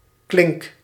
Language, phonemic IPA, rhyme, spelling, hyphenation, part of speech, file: Dutch, /klɪŋk/, -ɪŋk, klink, klink, noun / verb, Nl-klink.ogg
- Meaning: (noun) 1. latch 2. handle (on a door); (verb) inflection of klinken: 1. first-person singular present indicative 2. second-person singular present indicative 3. imperative